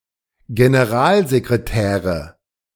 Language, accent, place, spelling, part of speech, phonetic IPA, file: German, Germany, Berlin, Generalsekretäre, noun, [ɡenəˈʁaːlzekʁeˌtɛːʁə], De-Generalsekretäre.ogg
- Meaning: nominative/accusative/genitive plural of Generalsekretär